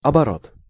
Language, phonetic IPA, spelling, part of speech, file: Russian, [ɐbɐˈrot], оборот, noun, Ru-оборот.ogg
- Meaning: 1. rotation, revolution, turn 2. reverse side, back (of a page, sheet, document, object, etc.) 3. use, usage, circulation 4. turnover 5. turn of events 6. phrase, linguistic construction